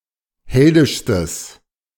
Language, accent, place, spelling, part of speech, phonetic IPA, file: German, Germany, Berlin, heldischstes, adjective, [ˈhɛldɪʃstəs], De-heldischstes.ogg
- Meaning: strong/mixed nominative/accusative neuter singular superlative degree of heldisch